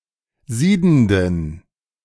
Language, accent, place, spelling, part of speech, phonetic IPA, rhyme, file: German, Germany, Berlin, siedenden, adjective, [ˈziːdn̩dən], -iːdn̩dən, De-siedenden.ogg
- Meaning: inflection of siedend: 1. strong genitive masculine/neuter singular 2. weak/mixed genitive/dative all-gender singular 3. strong/weak/mixed accusative masculine singular 4. strong dative plural